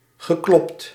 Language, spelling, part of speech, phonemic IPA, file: Dutch, geklopt, verb, /ɣəˈklɔpt/, Nl-geklopt.ogg
- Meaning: past participle of kloppen